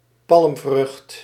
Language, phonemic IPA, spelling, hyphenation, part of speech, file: Dutch, /ˈpɑlm.vrʏxt/, palmvrucht, palm‧vrucht, noun, Nl-palmvrucht.ogg
- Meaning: fruit of a palm tree